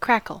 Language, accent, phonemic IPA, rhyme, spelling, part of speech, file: English, US, /ˈkɹækəl/, -ækəl, crackle, noun / verb, En-us-crackle.ogg
- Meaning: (noun) 1. A prolonged, frequent cracking sound; a fizzing, popping sound 2. A style of glaze giving the impression of many small cracks